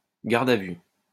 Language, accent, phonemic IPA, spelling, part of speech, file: French, France, /ɡaʁd a vy/, garde à vue, noun, LL-Q150 (fra)-garde à vue.wav
- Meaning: custody